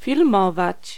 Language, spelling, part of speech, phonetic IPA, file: Polish, filmować, verb, [fʲilˈmɔvat͡ɕ], Pl-filmować.ogg